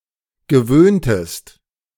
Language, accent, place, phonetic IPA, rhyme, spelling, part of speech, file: German, Germany, Berlin, [ɡəˈvøːntəst], -øːntəst, gewöhntest, verb, De-gewöhntest.ogg
- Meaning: inflection of gewöhnen: 1. second-person singular preterite 2. second-person singular subjunctive II